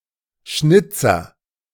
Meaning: 1. carver 2. blunder
- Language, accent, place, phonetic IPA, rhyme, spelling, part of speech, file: German, Germany, Berlin, [ˈʃnɪt͡sɐ], -ɪt͡sɐ, Schnitzer, noun, De-Schnitzer.ogg